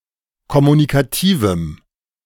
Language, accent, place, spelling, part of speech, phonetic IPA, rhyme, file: German, Germany, Berlin, kommunikativem, adjective, [kɔmunikaˈtiːvm̩], -iːvm̩, De-kommunikativem.ogg
- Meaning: strong dative masculine/neuter singular of kommunikativ